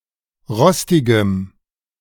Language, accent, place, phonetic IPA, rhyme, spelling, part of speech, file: German, Germany, Berlin, [ˈʁɔstɪɡəm], -ɔstɪɡəm, rostigem, adjective, De-rostigem.ogg
- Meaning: strong dative masculine/neuter singular of rostig